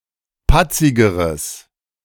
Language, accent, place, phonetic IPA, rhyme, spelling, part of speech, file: German, Germany, Berlin, [ˈpat͡sɪɡəʁəs], -at͡sɪɡəʁəs, patzigeres, adjective, De-patzigeres.ogg
- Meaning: strong/mixed nominative/accusative neuter singular comparative degree of patzig